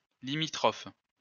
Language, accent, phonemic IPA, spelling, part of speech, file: French, France, /li.mi.tʁɔf/, limitrophe, adjective, LL-Q150 (fra)-limitrophe.wav
- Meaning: bordering